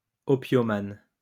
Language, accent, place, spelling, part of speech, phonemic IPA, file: French, France, Lyon, opiomane, noun, /ɔ.pjɔ.man/, LL-Q150 (fra)-opiomane.wav
- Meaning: opium addict